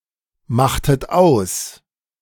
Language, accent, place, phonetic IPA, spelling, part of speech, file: German, Germany, Berlin, [ˌmaxtət ˈaʊ̯s], machtet aus, verb, De-machtet aus.ogg
- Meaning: inflection of ausmachen: 1. second-person plural preterite 2. second-person plural subjunctive II